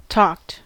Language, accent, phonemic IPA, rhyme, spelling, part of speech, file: English, US, /tɔkt/, -ɔːkt, talked, verb, En-us-talked.ogg
- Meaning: simple past and past participle of talk